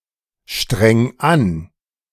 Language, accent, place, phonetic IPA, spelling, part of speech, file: German, Germany, Berlin, [ˌʃtʁɛŋ ˈan], streng an, verb, De-streng an.ogg
- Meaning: 1. singular imperative of anstrengen 2. first-person singular present of anstrengen